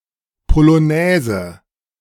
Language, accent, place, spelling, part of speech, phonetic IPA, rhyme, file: German, Germany, Berlin, Polonaise, noun, [poloˈnɛːzə], -ɛːzə, De-Polonaise.ogg
- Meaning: 1. polonaise 2. conga line